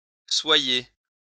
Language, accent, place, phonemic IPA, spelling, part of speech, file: French, France, Lyon, /swa.je/, soyez, verb, LL-Q150 (fra)-soyez.wav
- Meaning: 1. inflection of être 2. inflection of être: second-person plural present subjunctive 3. inflection of être: second-person plural imperative